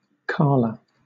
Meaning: A female given name from the Germanic languages
- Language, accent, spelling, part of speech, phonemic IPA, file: English, Southern England, Carla, proper noun, /ˈkɑːlə/, LL-Q1860 (eng)-Carla.wav